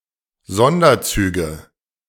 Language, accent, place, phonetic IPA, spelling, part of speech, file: German, Germany, Berlin, [ˈzɔndɐˌt͡syːɡə], Sonderzüge, noun, De-Sonderzüge.ogg
- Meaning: nominative/accusative/genitive plural of Sonderzug